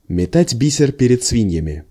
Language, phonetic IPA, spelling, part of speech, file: Russian, [mʲɪˈtadʲ ˈbʲisʲɪr ˈpʲerʲɪt͡s ˈsvʲinʲjɪmʲɪ], метать бисер перед свиньями, verb, Ru-метать бисер перед свиньями.ogg
- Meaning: to cast pearls before swine